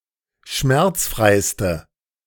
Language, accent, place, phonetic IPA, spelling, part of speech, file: German, Germany, Berlin, [ˈʃmɛʁt͡sˌfʁaɪ̯stə], schmerzfreiste, adjective, De-schmerzfreiste.ogg
- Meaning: inflection of schmerzfrei: 1. strong/mixed nominative/accusative feminine singular superlative degree 2. strong nominative/accusative plural superlative degree